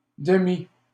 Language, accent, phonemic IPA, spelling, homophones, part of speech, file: French, Canada, /də.mi/, demi-, demi, prefix, LL-Q150 (fra)-demi-.wav
- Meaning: semi-, demi-, half-